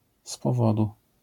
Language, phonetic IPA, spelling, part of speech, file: Polish, [s‿pɔˈvɔdu], z powodu, prepositional phrase, LL-Q809 (pol)-z powodu.wav